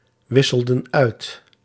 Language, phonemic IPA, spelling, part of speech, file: Dutch, /ˈwɪsəldə(n) ˈœyt/, wisselden uit, verb, Nl-wisselden uit.ogg
- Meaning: inflection of uitwisselen: 1. plural past indicative 2. plural past subjunctive